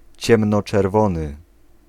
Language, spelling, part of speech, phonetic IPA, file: Polish, ciemnoczerwony, adjective, [ˌt͡ɕɛ̃mnɔt͡ʃɛrˈvɔ̃nɨ], Pl-ciemnoczerwony.ogg